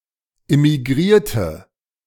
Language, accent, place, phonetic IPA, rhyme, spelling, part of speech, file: German, Germany, Berlin, [ɪmiˈɡʁiːɐ̯tə], -iːɐ̯tə, immigrierte, adjective / verb, De-immigrierte.ogg
- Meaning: inflection of immigrieren: 1. first/third-person singular preterite 2. first/third-person singular subjunctive II